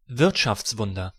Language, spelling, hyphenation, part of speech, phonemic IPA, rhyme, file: German, Wirtschaftswunder, Wirt‧schafts‧wun‧der, noun / proper noun, /ˈvɪʁtʃaft͡sˌvʊndɐ/, -ʊndɐ, De-Wirtschaftswunder.ogg
- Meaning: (noun) economic miracle, economic growth that is considered prodigious; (proper noun) the Miracle on the Rhine; a period of high-speed economic development of Germany and Austria after World War II